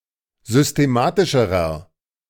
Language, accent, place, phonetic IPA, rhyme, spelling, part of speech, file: German, Germany, Berlin, [zʏsteˈmaːtɪʃəʁɐ], -aːtɪʃəʁɐ, systematischerer, adjective, De-systematischerer.ogg
- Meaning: inflection of systematisch: 1. strong/mixed nominative masculine singular comparative degree 2. strong genitive/dative feminine singular comparative degree 3. strong genitive plural comparative degree